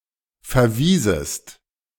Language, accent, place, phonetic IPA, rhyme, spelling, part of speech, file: German, Germany, Berlin, [fɛɐ̯ˈviːzəst], -iːzəst, verwiesest, verb, De-verwiesest.ogg
- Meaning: second-person singular subjunctive II of verweisen